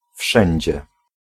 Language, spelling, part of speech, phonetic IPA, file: Polish, wszędzie, adverb, [ˈfʃɛ̃ɲd͡ʑɛ], Pl-wszędzie.ogg